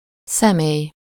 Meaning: 1. person 2. face, appearance, look 3. exterior, shape, form, figure 4. image, picture
- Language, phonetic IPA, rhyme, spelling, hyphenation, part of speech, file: Hungarian, [ˈsɛmeːj], -eːj, személy, sze‧mély, noun, Hu-személy.ogg